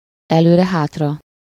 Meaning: back and forth
- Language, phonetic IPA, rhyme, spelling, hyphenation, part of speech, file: Hungarian, [ˈɛløːrɛhaːtrɒ], -rɒ, előre-hátra, elő‧re-‧hát‧ra, adverb, Hu-előre-hátra.ogg